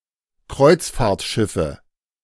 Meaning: nominative/accusative/genitive plural of Kreuzfahrtschiff
- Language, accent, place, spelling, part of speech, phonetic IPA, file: German, Germany, Berlin, Kreuzfahrtschiffe, noun, [ˈkʁɔɪ̯t͡sfaːɐ̯tˌʃɪfə], De-Kreuzfahrtschiffe.ogg